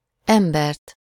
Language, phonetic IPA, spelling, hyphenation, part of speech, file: Hungarian, [ˈɛmbɛrt], embert, em‧bert, noun, Hu-embert.ogg
- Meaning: accusative singular of ember